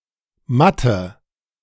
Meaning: inflection of matt: 1. strong/mixed nominative/accusative feminine singular 2. strong nominative/accusative plural 3. weak nominative all-gender singular 4. weak accusative feminine/neuter singular
- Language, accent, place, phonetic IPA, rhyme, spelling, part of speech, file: German, Germany, Berlin, [ˈmatə], -atə, matte, adjective, De-matte.ogg